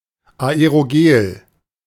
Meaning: aerogel
- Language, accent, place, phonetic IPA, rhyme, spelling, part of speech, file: German, Germany, Berlin, [aeʁoˈɡeːl], -eːl, Aerogel, noun, De-Aerogel.ogg